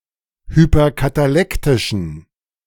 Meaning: inflection of hyperkatalektisch: 1. strong genitive masculine/neuter singular 2. weak/mixed genitive/dative all-gender singular 3. strong/weak/mixed accusative masculine singular
- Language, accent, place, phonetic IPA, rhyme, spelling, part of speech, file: German, Germany, Berlin, [hypɐkataˈlɛktɪʃn̩], -ɛktɪʃn̩, hyperkatalektischen, adjective, De-hyperkatalektischen.ogg